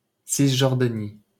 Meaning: West Bank
- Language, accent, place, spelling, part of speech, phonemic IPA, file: French, France, Paris, Cisjordanie, proper noun, /sis.ʒɔʁ.da.ni/, LL-Q150 (fra)-Cisjordanie.wav